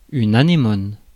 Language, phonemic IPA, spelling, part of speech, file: French, /a.ne.mɔn/, anémone, noun, Fr-anémone.ogg
- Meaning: 1. anemone (any plant of genus Anemone) 2. anemone, sea anemone